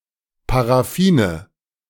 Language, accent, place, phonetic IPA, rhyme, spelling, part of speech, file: German, Germany, Berlin, [paʁaˈfiːnə], -iːnə, Paraffine, noun, De-Paraffine.ogg
- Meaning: nominative/accusative/genitive plural of Paraffin